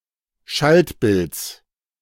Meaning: genitive singular of Schaltbild
- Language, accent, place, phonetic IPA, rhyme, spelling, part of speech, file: German, Germany, Berlin, [ˈʃaltˌbɪlt͡s], -altbɪlt͡s, Schaltbilds, noun, De-Schaltbilds.ogg